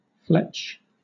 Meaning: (noun) 1. The vane toward the back of an arrow, used to stabilise the arrow during flight 2. A large boneless fillet of halibut, swordfish or tuna; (verb) To feather, as an arrow
- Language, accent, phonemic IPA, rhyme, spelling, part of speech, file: English, Southern England, /flɛt͡ʃ/, -ɛtʃ, fletch, noun / verb, LL-Q1860 (eng)-fletch.wav